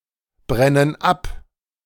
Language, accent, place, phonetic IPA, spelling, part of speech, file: German, Germany, Berlin, [ˌbʁɛnən ˈap], brennen ab, verb, De-brennen ab.ogg
- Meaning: inflection of abbrennen: 1. first/third-person plural present 2. first/third-person plural subjunctive I